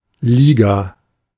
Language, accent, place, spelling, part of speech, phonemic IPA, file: German, Germany, Berlin, Liga, noun, /ˈliːɡa/, De-Liga.ogg
- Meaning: league (group or organization)